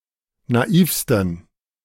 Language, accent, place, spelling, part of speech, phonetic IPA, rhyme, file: German, Germany, Berlin, naivsten, adjective, [naˈiːfstn̩], -iːfstn̩, De-naivsten.ogg
- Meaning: 1. superlative degree of naiv 2. inflection of naiv: strong genitive masculine/neuter singular superlative degree